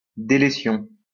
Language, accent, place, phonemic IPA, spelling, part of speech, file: French, France, Lyon, /de.le.sjɔ̃/, délétion, noun, LL-Q150 (fra)-délétion.wav
- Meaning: deletion